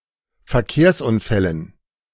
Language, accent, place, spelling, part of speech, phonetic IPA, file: German, Germany, Berlin, Verkehrsunfällen, noun, [fɛɐ̯ˈkeːɐ̯sʔʊnˌfɛlən], De-Verkehrsunfällen.ogg
- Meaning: dative plural of Verkehrsunfall